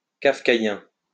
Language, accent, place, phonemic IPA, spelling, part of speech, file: French, France, Lyon, /kaf.ka.jɛ̃/, kafkaïen, adjective, LL-Q150 (fra)-kafkaïen.wav
- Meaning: Kafkaesque